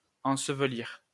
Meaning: 1. to bury, to entomb 2. to cover with earth 3. to bury (hide something) 4. to bury oneself, hide away
- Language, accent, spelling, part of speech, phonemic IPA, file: French, France, ensevelir, verb, /ɑ̃.sə.v(ə).liʁ/, LL-Q150 (fra)-ensevelir.wav